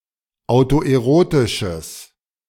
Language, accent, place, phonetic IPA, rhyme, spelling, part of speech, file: German, Germany, Berlin, [aʊ̯toʔeˈʁoːtɪʃəs], -oːtɪʃəs, autoerotisches, adjective, De-autoerotisches.ogg
- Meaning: strong/mixed nominative/accusative neuter singular of autoerotisch